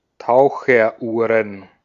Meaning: plural of Taucheruhr
- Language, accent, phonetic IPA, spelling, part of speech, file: German, Austria, [ˈtaʊ̯xɐˌʔuːʁən], Taucheruhren, noun, De-at-Taucheruhren.ogg